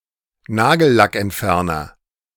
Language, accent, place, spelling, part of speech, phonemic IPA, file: German, Germany, Berlin, Nagellackentferner, noun, /ˈnaːɡə(l)lak(ʔ)ɛntˌfɛrnər/, De-Nagellackentferner.ogg
- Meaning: nail polish remover